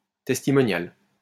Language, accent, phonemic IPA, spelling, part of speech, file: French, France, /tɛs.ti.mɔ.njal/, testimonial, adjective, LL-Q150 (fra)-testimonial.wav
- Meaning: testimonial